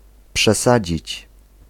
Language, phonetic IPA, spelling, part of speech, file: Polish, [pʃɛˈsad͡ʑit͡ɕ], przesadzić, verb, Pl-przesadzić.ogg